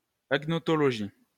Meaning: agnotology
- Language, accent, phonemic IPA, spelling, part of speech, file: French, France, /aɡ.nɔ.tɔ.lɔ.ɡi/, agnotologie, noun, LL-Q150 (fra)-agnotologie.wav